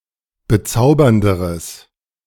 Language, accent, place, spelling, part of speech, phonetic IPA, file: German, Germany, Berlin, bezaubernderes, adjective, [bəˈt͡saʊ̯bɐndəʁəs], De-bezaubernderes.ogg
- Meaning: strong/mixed nominative/accusative neuter singular comparative degree of bezaubernd